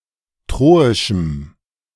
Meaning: strong dative masculine/neuter singular of troisch
- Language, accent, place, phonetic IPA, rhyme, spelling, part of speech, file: German, Germany, Berlin, [ˈtʁoːɪʃm̩], -oːɪʃm̩, troischem, adjective, De-troischem.ogg